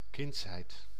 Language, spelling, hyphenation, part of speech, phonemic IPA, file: Dutch, kindsheid, kinds‧heid, noun, /ˈkɪntshɛit/, Nl-kindsheid.ogg
- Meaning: 1. childhood (the state of being a child) 2. second childhood, dotage